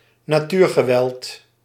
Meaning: natural disaster; strong or violent force of nature
- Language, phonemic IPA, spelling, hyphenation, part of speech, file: Dutch, /naːˈtyːr.ɣəˌʋɛlt/, natuurgeweld, na‧tuur‧ge‧weld, noun, Nl-natuurgeweld.ogg